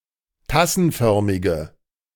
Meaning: inflection of tassenförmig: 1. strong/mixed nominative/accusative feminine singular 2. strong nominative/accusative plural 3. weak nominative all-gender singular
- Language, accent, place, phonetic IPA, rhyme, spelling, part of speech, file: German, Germany, Berlin, [ˈtasn̩ˌfœʁmɪɡə], -asn̩fœʁmɪɡə, tassenförmige, adjective, De-tassenförmige.ogg